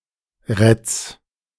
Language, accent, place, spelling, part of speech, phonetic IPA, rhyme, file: German, Germany, Berlin, Retz, proper noun, [ʁɛt͡s], -ɛt͡s, De-Retz.ogg
- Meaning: a municipality of Lower Austria, Austria